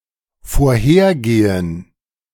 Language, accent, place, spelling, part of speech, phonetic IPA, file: German, Germany, Berlin, vorhergehen, verb, [foːɐ̯ˈheːɐ̯ˌɡeːən], De-vorhergehen.ogg
- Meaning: to precede